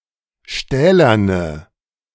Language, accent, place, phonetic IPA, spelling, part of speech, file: German, Germany, Berlin, [ˈʃtɛːlɐnə], stählerne, adjective, De-stählerne.ogg
- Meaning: inflection of stählern: 1. strong/mixed nominative/accusative feminine singular 2. strong nominative/accusative plural 3. weak nominative all-gender singular